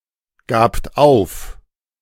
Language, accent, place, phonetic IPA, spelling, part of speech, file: German, Germany, Berlin, [ˌɡaːpt ˈaʊ̯f], gabt auf, verb, De-gabt auf.ogg
- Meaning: second-person plural preterite of aufgeben